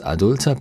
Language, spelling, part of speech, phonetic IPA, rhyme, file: German, adulter, adjective, [aˈdʊltɐ], -ʊltɐ, De-adulter.ogg
- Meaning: inflection of adult: 1. strong/mixed nominative masculine singular 2. strong genitive/dative feminine singular 3. strong genitive plural